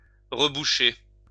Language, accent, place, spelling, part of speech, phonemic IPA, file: French, France, Lyon, reboucher, verb, /ʁə.bu.ʃe/, LL-Q150 (fra)-reboucher.wav
- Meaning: 1. to recork, recap, etc. (a bottle) 2. to fill back in, to fill up again (a hole) 3. to stop up